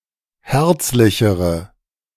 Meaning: inflection of herzlich: 1. strong/mixed nominative/accusative feminine singular comparative degree 2. strong nominative/accusative plural comparative degree
- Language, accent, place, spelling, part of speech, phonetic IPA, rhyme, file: German, Germany, Berlin, herzlichere, adjective, [ˈhɛʁt͡slɪçəʁə], -ɛʁt͡slɪçəʁə, De-herzlichere.ogg